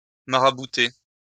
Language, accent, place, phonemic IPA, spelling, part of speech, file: French, France, Lyon, /ma.ʁa.bu.te/, marabouter, verb, LL-Q150 (fra)-marabouter.wav
- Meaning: to cast a spell on; to enchant (magically)